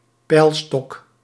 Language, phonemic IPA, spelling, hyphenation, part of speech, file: Dutch, /ˈpɛi̯l.stɔk/, peilstok, peil‧stok, noun, Nl-peilstok.ogg
- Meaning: gauge used for measuring the water level or the level of another fluid